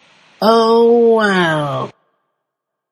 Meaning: An expression of mild disappointment or resignation: too bad; it's a pity; what can you do; it is what it is
- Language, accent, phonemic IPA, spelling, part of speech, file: English, General American, /ˈoʊ wɛl/, oh well, interjection, En-us-oh well.flac